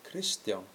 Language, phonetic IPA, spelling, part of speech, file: Icelandic, [ˈkʰrɪstjaun], Kristján, proper noun, Is-Kristján.ogg
- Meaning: a male given name, equivalent to English Christian